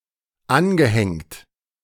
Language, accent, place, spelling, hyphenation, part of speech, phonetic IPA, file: German, Germany, Berlin, angehängt, an‧ge‧hängt, verb / adjective, [ˈanɡəˌhɛŋt], De-angehängt.ogg
- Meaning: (verb) past participle of anhängen; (adjective) adhered, attached